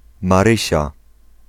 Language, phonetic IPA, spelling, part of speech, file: Polish, [maˈrɨɕa], Marysia, proper noun, Pl-Marysia.ogg